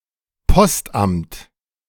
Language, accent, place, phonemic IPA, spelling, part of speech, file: German, Germany, Berlin, /ˈpɔstʔamt/, Postamt, noun, De-Postamt.ogg
- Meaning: post office, postal service